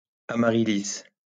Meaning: amaryllis
- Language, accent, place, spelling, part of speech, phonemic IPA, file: French, France, Lyon, amaryllis, noun, /a.ma.ʁi.lis/, LL-Q150 (fra)-amaryllis.wav